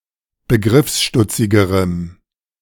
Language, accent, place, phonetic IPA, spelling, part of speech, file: German, Germany, Berlin, [bəˈɡʁɪfsˌʃtʊt͡sɪɡəʁəm], begriffsstutzigerem, adjective, De-begriffsstutzigerem.ogg
- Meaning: strong dative masculine/neuter singular comparative degree of begriffsstutzig